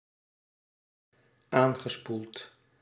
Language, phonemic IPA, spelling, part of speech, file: Dutch, /ˈaŋɣəˌspult/, aangespoeld, verb, Nl-aangespoeld.ogg
- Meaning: past participle of aanspoelen